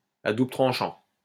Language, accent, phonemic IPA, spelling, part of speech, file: French, France, /a du.blə tʁɑ̃.ʃɑ̃/, à double tranchant, adjective, LL-Q150 (fra)-à double tranchant.wav
- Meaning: double-edged